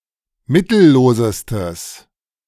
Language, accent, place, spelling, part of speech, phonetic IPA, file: German, Germany, Berlin, mittellosestes, adjective, [ˈmɪtl̩ˌloːzəstəs], De-mittellosestes.ogg
- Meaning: strong/mixed nominative/accusative neuter singular superlative degree of mittellos